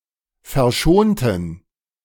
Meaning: inflection of verschonen: 1. first/third-person plural preterite 2. first/third-person plural subjunctive II
- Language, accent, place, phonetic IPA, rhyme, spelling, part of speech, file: German, Germany, Berlin, [fɛɐ̯ˈʃoːntn̩], -oːntn̩, verschonten, adjective / verb, De-verschonten.ogg